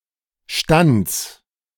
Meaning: 1. singular imperative of stanzen 2. first-person singular present of stanzen
- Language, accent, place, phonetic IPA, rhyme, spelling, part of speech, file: German, Germany, Berlin, [ʃtant͡s], -ant͡s, stanz, verb, De-stanz.ogg